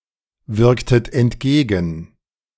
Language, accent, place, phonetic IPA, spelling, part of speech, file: German, Germany, Berlin, [ˌvɪʁktət ɛntˈɡeːɡn̩], wirktet entgegen, verb, De-wirktet entgegen.ogg
- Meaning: inflection of entgegenwirken: 1. second-person plural preterite 2. second-person plural subjunctive II